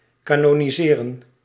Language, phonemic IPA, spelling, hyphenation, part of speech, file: Dutch, /ˌkaː.nɔ.niˈzeː.rə(n)/, canoniseren, ca‧no‧ni‧se‧ren, verb, Nl-canoniseren.ogg
- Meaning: 1. to canonise, to adopt into a canon of authoritative texts or lore 2. to canonise, to accept into the canon of saints